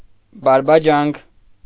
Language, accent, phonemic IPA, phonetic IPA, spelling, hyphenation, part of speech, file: Armenian, Eastern Armenian, /bɑɾbɑˈd͡ʒɑnkʰ/, [bɑɾbɑd͡ʒɑ́ŋkʰ], բարբաջանք, բար‧բա‧ջանք, noun, Hy-բարբաջանք.ogg
- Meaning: nonsense, balderdash, gibberish